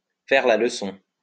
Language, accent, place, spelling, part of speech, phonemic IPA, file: French, France, Lyon, faire la leçon, verb, /fɛʁ la l(ə).sɔ̃/, LL-Q150 (fra)-faire la leçon.wav
- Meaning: to preach to, to lecture